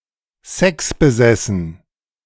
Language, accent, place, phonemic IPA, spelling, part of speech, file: German, Germany, Berlin, /ˈsɛksbəˌzɛsn/, sexbesessen, adjective, De-sexbesessen.ogg
- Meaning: oversexed (obsessed with sex)